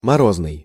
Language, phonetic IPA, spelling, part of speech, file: Russian, [mɐˈroznɨj], морозный, adjective, Ru-морозный.ogg
- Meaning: frosty